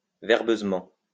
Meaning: wordily, verbosely
- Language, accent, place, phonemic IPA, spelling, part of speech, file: French, France, Lyon, /vɛʁ.bøz.mɑ̃/, verbeusement, adverb, LL-Q150 (fra)-verbeusement.wav